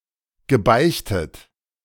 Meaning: past participle of beichten
- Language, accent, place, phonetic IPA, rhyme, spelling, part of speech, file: German, Germany, Berlin, [ɡəˈbaɪ̯çtət], -aɪ̯çtət, gebeichtet, verb, De-gebeichtet.ogg